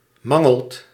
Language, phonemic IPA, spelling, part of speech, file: Dutch, /ˈmɑŋəɫt/, mangelt, verb, Nl-mangelt.ogg
- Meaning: inflection of mangelen: 1. second/third-person singular present indicative 2. plural imperative